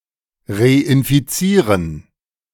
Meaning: to reinfect
- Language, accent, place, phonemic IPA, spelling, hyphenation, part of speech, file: German, Germany, Berlin, /ʁeʔɪnfiˈt͡siːʁən/, reinfizieren, re‧in‧fi‧zie‧ren, verb, De-reinfizieren.ogg